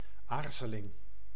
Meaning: hesitation
- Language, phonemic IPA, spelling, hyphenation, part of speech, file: Dutch, /ˈaːr.zə.lɪŋ/, aarzeling, aar‧ze‧ling, noun, Nl-aarzeling.ogg